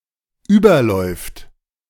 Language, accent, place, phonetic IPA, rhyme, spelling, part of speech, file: German, Germany, Berlin, [ˈyːbɐˌlɔɪ̯ft], -yːbɐlɔɪ̯ft, überläuft, verb, De-überläuft.ogg
- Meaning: third-person singular dependent present of überlaufen